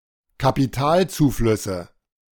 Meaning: nominative/accusative/genitive plural of Kapitalzufluss
- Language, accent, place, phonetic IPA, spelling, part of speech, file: German, Germany, Berlin, [kapiˈtaːlt͡suːˌflʏsə], Kapitalzuflüsse, noun, De-Kapitalzuflüsse.ogg